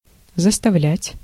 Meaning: 1. to compel, to force, to make 2. to fill, to cram, to jam, to clutter 3. to block up, to close off
- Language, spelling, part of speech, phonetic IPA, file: Russian, заставлять, verb, [zəstɐˈvlʲætʲ], Ru-заставлять.ogg